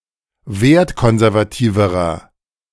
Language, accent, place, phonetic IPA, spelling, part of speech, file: German, Germany, Berlin, [ˈveːɐ̯tˌkɔnzɛʁvaˌtiːvəʁɐ], wertkonservativerer, adjective, De-wertkonservativerer.ogg
- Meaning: inflection of wertkonservativ: 1. strong/mixed nominative masculine singular comparative degree 2. strong genitive/dative feminine singular comparative degree